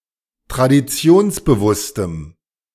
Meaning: strong dative masculine/neuter singular of traditionsbewusst
- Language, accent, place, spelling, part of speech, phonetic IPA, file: German, Germany, Berlin, traditionsbewusstem, adjective, [tʁadiˈt͡si̯oːnsbəˌvʊstəm], De-traditionsbewusstem.ogg